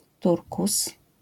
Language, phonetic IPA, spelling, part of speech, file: Polish, [ˈturkus], turkus, noun, LL-Q809 (pol)-turkus.wav